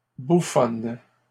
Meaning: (noun) female equivalent of bouffon; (adjective) feminine singular of bouffon
- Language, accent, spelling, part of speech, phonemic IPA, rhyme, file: French, Canada, bouffonne, noun / adjective, /bu.fɔn/, -ɔn, LL-Q150 (fra)-bouffonne.wav